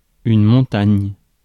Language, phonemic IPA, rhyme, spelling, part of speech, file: French, /mɔ̃.taɲ/, -aɲ, montagne, noun, Fr-montagne.ogg
- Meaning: 1. mountain 2. mountain (huge amount) 3. mountain (challenging task) 4. a very large, muscular man